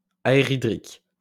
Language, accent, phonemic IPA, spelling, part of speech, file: French, France, /a.e.ʁi.dʁik/, aerhydrique, adjective, LL-Q150 (fra)-aerhydrique.wav
- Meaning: aerohydrous